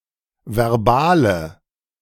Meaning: inflection of verbal: 1. strong/mixed nominative/accusative feminine singular 2. strong nominative/accusative plural 3. weak nominative all-gender singular 4. weak accusative feminine/neuter singular
- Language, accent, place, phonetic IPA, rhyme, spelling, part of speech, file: German, Germany, Berlin, [vɛʁˈbaːlə], -aːlə, verbale, adjective, De-verbale.ogg